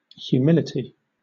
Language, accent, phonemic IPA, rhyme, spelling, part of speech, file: English, Southern England, /hjuːˈmɪlɪti/, -ɪlɪti, humility, noun, LL-Q1860 (eng)-humility.wav
- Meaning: The characteristic of being humble; humbleness in character and behavior